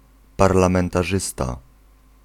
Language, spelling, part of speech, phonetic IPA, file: Polish, parlamentarzysta, noun, [ˌparlãmɛ̃ntaˈʒɨsta], Pl-parlamentarzysta.ogg